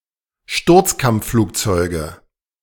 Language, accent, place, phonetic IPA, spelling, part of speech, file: German, Germany, Berlin, [ˈʃtʊʁt͡skamp͡fˌfluːkt͡sɔɪ̯ɡə], Sturzkampfflugzeuge, noun, De-Sturzkampfflugzeuge.ogg
- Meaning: nominative/accusative/genitive plural of Sturzkampfflugzeug